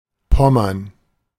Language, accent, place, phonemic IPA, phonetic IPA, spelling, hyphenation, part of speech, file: German, Germany, Berlin, /ˈpɔməʁn/, [ˈpɔ.mɐn], Pommern, Pom‧mern, proper noun / noun, De-Pommern.ogg
- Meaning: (proper noun) Pomerania (a former duchy, historical province of Prussia, and now a geographic region of Central Europe split between Germany and Poland on the southern shore of the Baltic Sea)